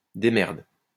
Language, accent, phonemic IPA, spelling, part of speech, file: French, France, /de.mɛʁd/, démerde, verb, LL-Q150 (fra)-démerde.wav
- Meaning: inflection of démerder: 1. first/third-person singular present indicative/subjunctive 2. second-person singular imperative